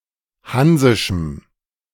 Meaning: strong dative masculine/neuter singular of hansisch
- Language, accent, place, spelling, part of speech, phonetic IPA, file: German, Germany, Berlin, hansischem, adjective, [ˈhanzɪʃm̩], De-hansischem.ogg